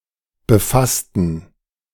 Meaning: inflection of befassen: 1. first/third-person plural preterite 2. first/third-person plural subjunctive II
- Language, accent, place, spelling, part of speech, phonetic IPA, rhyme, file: German, Germany, Berlin, befassten, adjective / verb, [bəˈfastn̩], -astn̩, De-befassten.ogg